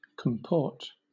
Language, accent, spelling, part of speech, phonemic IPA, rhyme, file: English, Southern England, comport, verb / noun, /kəmˈpɔː(ɹ)t/, -ɔː(ɹ)t, LL-Q1860 (eng)-comport.wav
- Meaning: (verb) 1. To tolerate, bear, put up (with) 2. To be in agreement (with); to be of an accord 3. To behave (in a given manner); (noun) Manner of acting; conduct; comportment; deportment